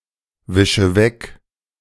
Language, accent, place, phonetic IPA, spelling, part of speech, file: German, Germany, Berlin, [ˌvɪʃə ˈvɛk], wische weg, verb, De-wische weg.ogg
- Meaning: inflection of wegwischen: 1. first-person singular present 2. first/third-person singular subjunctive I 3. singular imperative